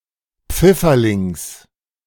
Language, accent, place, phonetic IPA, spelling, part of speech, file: German, Germany, Berlin, [ˈp͡fɪfɐlɪŋs], Pfifferlings, noun, De-Pfifferlings.ogg
- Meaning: genitive singular of Pfifferling